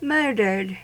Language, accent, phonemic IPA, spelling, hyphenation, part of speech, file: English, US, /ˈmɝ.dɚd/, murdered, mur‧dered, verb / adjective, En-us-murdered.ogg
- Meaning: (verb) simple past and past participle of murder; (adjective) That has been murdered